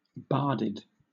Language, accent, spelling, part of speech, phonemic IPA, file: English, Southern England, barded, adjective / verb, /ˈbɑːdɪd/, LL-Q1860 (eng)-barded.wav
- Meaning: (adjective) 1. Of a horse, accoutered with defensive armor 2. Wearing rich caparisons; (verb) simple past and past participle of bard